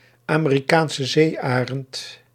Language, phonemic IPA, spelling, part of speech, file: Dutch, /aː.meː.riˌkaːn.sə ˈzeː.aː.rənt/, Amerikaanse zeearend, noun, Nl-Amerikaanse zeearend.ogg
- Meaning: bald eagle (Haliaeetus leucocephalus)